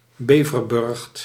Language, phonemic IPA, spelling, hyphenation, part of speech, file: Dutch, /ˈbeː.vərˌbʏrxt/, beverburcht, be‧ver‧burcht, noun, Nl-beverburcht.ogg
- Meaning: beaver lodge